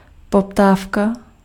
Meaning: demand
- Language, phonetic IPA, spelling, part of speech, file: Czech, [ˈpoptaːfka], poptávka, noun, Cs-poptávka.ogg